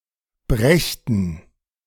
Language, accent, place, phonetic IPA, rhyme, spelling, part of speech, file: German, Germany, Berlin, [ˈbʁɛçtn̩], -ɛçtn̩, brächten, verb, De-brächten.ogg
- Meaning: first/third-person plural subjunctive II of bringen